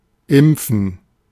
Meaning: 1. to inoculate, to vaccinate 2. to inoculate
- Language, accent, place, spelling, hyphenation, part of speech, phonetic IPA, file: German, Germany, Berlin, impfen, imp‧fen, verb, [ˈʔɪmpfɱ̩], De-impfen.ogg